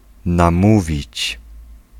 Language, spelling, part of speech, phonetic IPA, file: Polish, namówić, verb, [nãˈmuvʲit͡ɕ], Pl-namówić.ogg